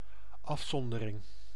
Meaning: seclusion, isolation
- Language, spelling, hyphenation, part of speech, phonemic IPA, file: Dutch, afzondering, af‧zon‧de‧ring, noun, /ˈɑfˌsɔn.də.rɪŋ/, Nl-afzondering.ogg